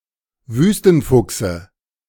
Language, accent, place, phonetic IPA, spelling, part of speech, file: German, Germany, Berlin, [ˈvyːstn̩ˌfʊksə], Wüstenfuchse, noun, De-Wüstenfuchse.ogg
- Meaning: dative singular of Wüstenfuchs